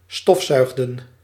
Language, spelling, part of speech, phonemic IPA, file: Dutch, stofzuigden, verb, /ˈstɔf.ˌsœy̯ɣ.də(n)/, Nl-stofzuigden.ogg
- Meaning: inflection of stofzuigen: 1. plural past indicative 2. plural past subjunctive